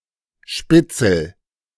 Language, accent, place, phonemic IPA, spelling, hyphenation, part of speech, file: German, Germany, Berlin, /ˈʃpɪtsl̩/, Spitzel, Spit‧zel, noun, De-Spitzel.ogg
- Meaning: 1. informant 2. spitz (breed of guard dog)